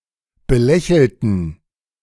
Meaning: inflection of belächeln: 1. first/third-person plural preterite 2. first/third-person plural subjunctive II
- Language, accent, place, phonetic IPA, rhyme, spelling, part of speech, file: German, Germany, Berlin, [bəˈlɛçl̩tn̩], -ɛçl̩tn̩, belächelten, adjective / verb, De-belächelten.ogg